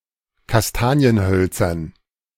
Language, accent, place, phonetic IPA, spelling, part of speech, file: German, Germany, Berlin, [kasˈtaːni̯ənˌhœlt͡sɐn], Kastanienhölzern, noun, De-Kastanienhölzern.ogg
- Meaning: dative plural of Kastanienholz